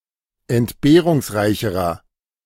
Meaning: inflection of entbehrungsreich: 1. strong/mixed nominative masculine singular comparative degree 2. strong genitive/dative feminine singular comparative degree
- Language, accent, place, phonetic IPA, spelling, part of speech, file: German, Germany, Berlin, [ɛntˈbeːʁʊŋsˌʁaɪ̯çəʁɐ], entbehrungsreicherer, adjective, De-entbehrungsreicherer.ogg